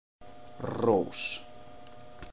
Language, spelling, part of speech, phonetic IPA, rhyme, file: Icelandic, rós, noun, [ˈrouːs], -ouːs, Is-rós.oga
- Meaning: rose